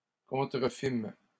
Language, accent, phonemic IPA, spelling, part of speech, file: French, Canada, /kɔ̃.tʁə.fim/, contrefîmes, verb, LL-Q150 (fra)-contrefîmes.wav
- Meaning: first-person plural past historic of contrefaire